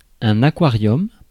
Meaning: 1. aquarium 2. a clambake (an instance of smoking in an enclosed space)
- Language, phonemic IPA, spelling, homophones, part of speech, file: French, /a.kwa.ʁjɔm/, aquarium, aquariums, noun, Fr-aquarium.ogg